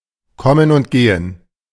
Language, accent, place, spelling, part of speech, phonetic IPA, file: German, Germany, Berlin, Kommen und Gehen, noun, [ˈkɔmən ʊnt ˈɡeːən], De-Kommen und Gehen.ogg
- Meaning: coming and going